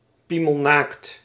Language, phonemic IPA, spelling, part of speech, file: Dutch, /ˈpiməlˌnakt/, piemelnaakt, adjective, Nl-piemelnaakt.ogg
- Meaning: stark naked